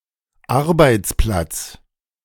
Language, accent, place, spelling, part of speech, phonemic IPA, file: German, Germany, Berlin, Arbeitsplatz, noun, /ˈʔaʁbaɪ̯tsˌplats/, De-Arbeitsplatz.ogg
- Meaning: 1. workplace 2. place of employment 3. employment, job, position